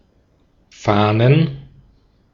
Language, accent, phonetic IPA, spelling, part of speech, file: German, Austria, [ˈfaːnən], Fahnen, noun, De-at-Fahnen.ogg
- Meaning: plural of Fahne